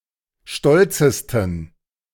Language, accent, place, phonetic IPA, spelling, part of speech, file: German, Germany, Berlin, [ˈʃtɔlt͡səstn̩], stolzesten, adjective, De-stolzesten.ogg
- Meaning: 1. superlative degree of stolz 2. inflection of stolz: strong genitive masculine/neuter singular superlative degree